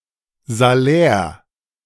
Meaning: salary
- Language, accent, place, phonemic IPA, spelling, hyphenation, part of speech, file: German, Germany, Berlin, /zaˈlɛːʁ/, Salär, Sa‧lär, noun, De-Salär.ogg